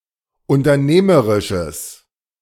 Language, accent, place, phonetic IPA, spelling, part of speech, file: German, Germany, Berlin, [ʊntɐˈneːməʁɪʃəs], unternehmerisches, adjective, De-unternehmerisches.ogg
- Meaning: strong/mixed nominative/accusative neuter singular of unternehmerisch